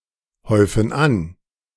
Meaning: inflection of anhäufen: 1. first/third-person plural present 2. first/third-person plural subjunctive I
- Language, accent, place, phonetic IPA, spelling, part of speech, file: German, Germany, Berlin, [ˌhɔɪ̯fn̩ ˈan], häufen an, verb, De-häufen an.ogg